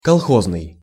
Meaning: kolkhoz
- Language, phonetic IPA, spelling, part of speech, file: Russian, [kɐɫˈxoznɨj], колхозный, adjective, Ru-колхозный.ogg